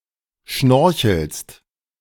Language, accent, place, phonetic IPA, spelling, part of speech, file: German, Germany, Berlin, [ˈʃnɔʁçl̩st], schnorchelst, verb, De-schnorchelst.ogg
- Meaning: second-person singular present of schnorcheln